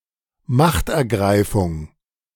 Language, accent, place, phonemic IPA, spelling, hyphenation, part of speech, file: German, Germany, Berlin, /ˈmaχtʔɛɐ̯ˌɡʁaɪ̯fʊŋ/, Machtergreifung, Macht‧er‧grei‧fung, noun, De-Machtergreifung.ogg
- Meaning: seizure of power, specifically in reference to Hitler's appointment as chancellor on 30 January 1933